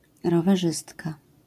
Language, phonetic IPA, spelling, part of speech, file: Polish, [ˌrɔvɛˈʒɨstka], rowerzystka, noun, LL-Q809 (pol)-rowerzystka.wav